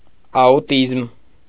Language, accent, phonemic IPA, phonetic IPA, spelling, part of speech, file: Armenian, Eastern Armenian, /ɑuˈtizm/, [ɑutízm], աուտիզմ, noun, Hy-աուտիզմ.ogg
- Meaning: autism